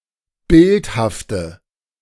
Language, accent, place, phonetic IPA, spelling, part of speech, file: German, Germany, Berlin, [ˈbɪlthaftə], bildhafte, adjective, De-bildhafte.ogg
- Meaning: inflection of bildhaft: 1. strong/mixed nominative/accusative feminine singular 2. strong nominative/accusative plural 3. weak nominative all-gender singular